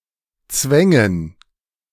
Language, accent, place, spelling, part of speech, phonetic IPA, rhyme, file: German, Germany, Berlin, Zwängen, noun, [ˈt͡svɛŋən], -ɛŋən, De-Zwängen.ogg
- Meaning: dative plural of Zwang